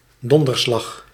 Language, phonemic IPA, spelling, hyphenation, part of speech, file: Dutch, /ˈdɔn.dərˌslɑx/, donderslag, don‧der‧slag, noun, Nl-donderslag.ogg
- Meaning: thunderclap